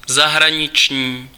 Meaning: foreign
- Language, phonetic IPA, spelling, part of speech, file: Czech, [ˈzaɦraɲɪt͡ʃɲiː], zahraniční, adjective, Cs-zahraniční.ogg